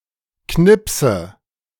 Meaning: inflection of knipsen: 1. first-person singular present 2. first/third-person singular subjunctive I 3. singular imperative
- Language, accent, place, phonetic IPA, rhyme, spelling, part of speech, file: German, Germany, Berlin, [ˈknɪpsə], -ɪpsə, knipse, verb, De-knipse.ogg